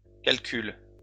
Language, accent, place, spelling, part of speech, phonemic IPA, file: French, France, Lyon, calculent, verb, /kal.kyl/, LL-Q150 (fra)-calculent.wav
- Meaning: third-person plural present indicative/subjunctive of calculer